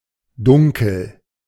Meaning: dark, darkness
- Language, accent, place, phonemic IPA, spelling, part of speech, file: German, Germany, Berlin, /ˈdʊŋkl̩/, Dunkel, noun, De-Dunkel.ogg